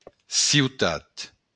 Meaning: city
- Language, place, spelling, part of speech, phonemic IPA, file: Occitan, Béarn, ciutat, noun, /siwˈtat/, LL-Q14185 (oci)-ciutat.wav